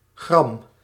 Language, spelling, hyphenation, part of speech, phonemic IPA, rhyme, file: Dutch, gram, gram, noun / adjective, /ɣrɑm/, -ɑm, Nl-gram.ogg
- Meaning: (noun) gram (unit of mass); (adjective) angry, irate; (noun) wrath